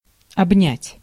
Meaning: 1. to hug, to embrace 2. to engulf, to envelop
- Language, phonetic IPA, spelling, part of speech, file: Russian, [ɐbˈnʲætʲ], обнять, verb, Ru-обнять.ogg